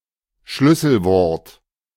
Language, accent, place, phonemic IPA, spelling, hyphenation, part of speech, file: German, Germany, Berlin, /ˈʃlʏsl̩ˌvɔʁt/, Schlüsselwort, Schlüs‧sel‧wort, noun, De-Schlüsselwort.ogg
- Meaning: keyword